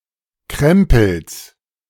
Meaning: genitive singular of Krempel
- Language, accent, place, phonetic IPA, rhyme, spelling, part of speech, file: German, Germany, Berlin, [ˈkʁɛmpl̩s], -ɛmpl̩s, Krempels, noun, De-Krempels.ogg